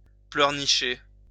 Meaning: to whine (to complain or protest in a childish manner or about trivial things)
- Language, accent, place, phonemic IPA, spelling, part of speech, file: French, France, Lyon, /plœʁ.ni.ʃe/, pleurnicher, verb, LL-Q150 (fra)-pleurnicher.wav